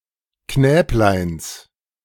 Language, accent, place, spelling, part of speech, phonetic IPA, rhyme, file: German, Germany, Berlin, Knäbleins, noun, [ˈknɛːplaɪ̯ns], -ɛːplaɪ̯ns, De-Knäbleins.ogg
- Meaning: genitive of Knäblein